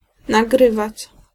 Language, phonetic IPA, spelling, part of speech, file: Polish, [naˈɡrɨvat͡ɕ], nagrywać, verb, Pl-nagrywać.ogg